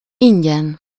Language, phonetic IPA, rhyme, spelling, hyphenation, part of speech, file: Hungarian, [ˈiɲɟɛn], -ɛn, ingyen, in‧gyen, adverb, Hu-ingyen.ogg
- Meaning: gratis, free